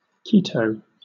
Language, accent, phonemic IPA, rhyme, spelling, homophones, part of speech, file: English, Southern England, /ˈkiːtəʊ/, -iːtəʊ, Quito, keto, proper noun, LL-Q1860 (eng)-Quito.wav
- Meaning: 1. The capital city of Ecuador 2. The capital city of Ecuador.: The Ecuadorian government 3. The capital of Pichincha province, Ecuador 4. A canton (Quito Canton) in Pichincha province, Ecuador